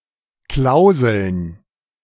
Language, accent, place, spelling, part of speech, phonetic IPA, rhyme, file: German, Germany, Berlin, Klauseln, noun, [ˈklaʊ̯zl̩n], -aʊ̯zl̩n, De-Klauseln.ogg
- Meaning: plural of Klausel